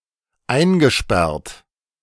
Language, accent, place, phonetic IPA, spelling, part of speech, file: German, Germany, Berlin, [ˈaɪ̯nɡəˌʃpɛʁt], eingesperrt, verb, De-eingesperrt.ogg
- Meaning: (verb) past participle of einsperren; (adjective) 1. confined 2. caged 3. imprisoned, incarcerated, jailed